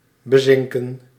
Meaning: to precipitate (to come out of a liquid solution into solid form)
- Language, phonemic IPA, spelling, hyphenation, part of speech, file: Dutch, /bəˈzɪŋkə(n)/, bezinken, be‧zin‧ken, verb, Nl-bezinken.ogg